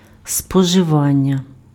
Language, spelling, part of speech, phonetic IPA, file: Ukrainian, споживання, noun, [spɔʒeˈʋanʲːɐ], Uk-споживання.ogg
- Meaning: verbal noun of спожива́ти (spožyváty): consumption (act of consuming)